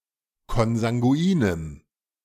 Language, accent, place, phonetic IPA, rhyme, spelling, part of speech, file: German, Germany, Berlin, [kɔnzaŋɡuˈiːnəm], -iːnəm, konsanguinem, adjective, De-konsanguinem.ogg
- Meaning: strong dative masculine/neuter singular of konsanguin